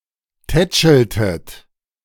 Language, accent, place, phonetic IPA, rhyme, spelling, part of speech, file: German, Germany, Berlin, [ˈtɛt͡ʃl̩tət], -ɛt͡ʃl̩tət, tätscheltet, verb, De-tätscheltet.ogg
- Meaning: inflection of tätscheln: 1. second-person plural preterite 2. second-person plural subjunctive II